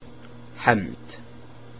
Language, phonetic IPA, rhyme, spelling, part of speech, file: Icelandic, [ˈhɛmt], -ɛmt, hefnd, noun, Is-hefnd.ogg
- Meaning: revenge, vengeance